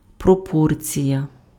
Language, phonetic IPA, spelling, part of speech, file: Ukrainian, [prɔˈpɔrt͡sʲijɐ], пропорція, noun, Uk-пропорція.ogg
- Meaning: proportion